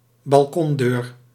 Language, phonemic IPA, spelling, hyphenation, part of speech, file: Dutch, /bɑlˈkɔnˌdøːr/, balkondeur, bal‧kon‧deur, noun, Nl-balkondeur.ogg
- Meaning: balcony door